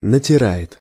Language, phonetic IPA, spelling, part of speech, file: Russian, [nətʲɪˈra(j)ɪt], натирает, verb, Ru-натирает.ogg
- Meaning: third-person singular present indicative imperfective of натира́ть (natirátʹ)